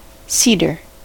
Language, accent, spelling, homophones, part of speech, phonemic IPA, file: English, US, cedar, seeder, noun, /ˈsi.dɚ/, En-us-cedar.ogg
- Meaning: 1. A coniferous tree of the genus Cedrus in the family Pinaceae 2. A coniferous tree of the family Cupressaceae, especially of the genera Juniperus, Cupressus, Calocedrus, or Thuja